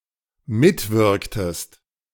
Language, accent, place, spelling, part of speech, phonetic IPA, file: German, Germany, Berlin, mitwirktest, verb, [ˈmɪtˌvɪʁktəst], De-mitwirktest.ogg
- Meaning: inflection of mitwirken: 1. second-person singular dependent preterite 2. second-person singular dependent subjunctive II